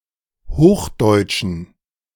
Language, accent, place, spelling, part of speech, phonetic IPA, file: German, Germany, Berlin, Hochdeutschen, noun, [ˈhoːxˌdɔɪ̯tʃn̩], De-Hochdeutschen.ogg
- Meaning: genitive singular of Hochdeutsch